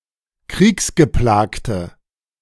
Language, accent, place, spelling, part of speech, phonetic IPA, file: German, Germany, Berlin, kriegsgeplagte, adjective, [ˈkʁiːksɡəˌplaːktə], De-kriegsgeplagte.ogg
- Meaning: inflection of kriegsgeplagt: 1. strong/mixed nominative/accusative feminine singular 2. strong nominative/accusative plural 3. weak nominative all-gender singular